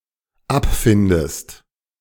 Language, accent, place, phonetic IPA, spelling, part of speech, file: German, Germany, Berlin, [ˈapˌfɪndəst], abfindest, verb, De-abfindest.ogg
- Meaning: inflection of abfinden: 1. second-person singular dependent present 2. second-person singular dependent subjunctive I